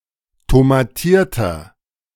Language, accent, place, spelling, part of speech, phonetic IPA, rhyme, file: German, Germany, Berlin, tomatierter, adjective, [tomaˈtiːɐ̯tɐ], -iːɐ̯tɐ, De-tomatierter.ogg
- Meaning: inflection of tomatiert: 1. strong/mixed nominative masculine singular 2. strong genitive/dative feminine singular 3. strong genitive plural